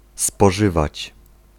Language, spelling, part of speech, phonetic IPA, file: Polish, spożywać, verb, [spɔˈʒɨvat͡ɕ], Pl-spożywać.ogg